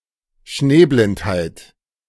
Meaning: snow blindness, photokeratitis
- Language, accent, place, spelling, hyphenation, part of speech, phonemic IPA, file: German, Germany, Berlin, Schneeblindheit, Schnee‧blind‧heit, noun, /ˈʃneːˌblɪnthaɪ̯t/, De-Schneeblindheit.ogg